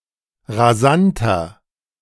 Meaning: 1. comparative degree of rasant 2. inflection of rasant: strong/mixed nominative masculine singular 3. inflection of rasant: strong genitive/dative feminine singular
- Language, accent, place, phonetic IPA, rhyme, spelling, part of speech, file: German, Germany, Berlin, [ʁaˈzantɐ], -antɐ, rasanter, adjective, De-rasanter.ogg